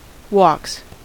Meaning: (noun) plural of walk; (verb) third-person singular simple present indicative of walk
- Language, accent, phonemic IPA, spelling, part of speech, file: English, US, /wɔks/, walks, noun / verb, En-us-walks.ogg